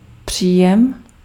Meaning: 1. income 2. intake 3. reception (of radio or similar signals) 4. reception (of a serve)
- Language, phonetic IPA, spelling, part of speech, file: Czech, [ˈpr̝̊iːjɛm], příjem, noun, Cs-příjem.ogg